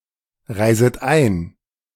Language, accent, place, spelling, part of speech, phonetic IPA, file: German, Germany, Berlin, reiset ein, verb, [ˌʁaɪ̯zət ˈaɪ̯n], De-reiset ein.ogg
- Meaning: second-person plural subjunctive I of einreisen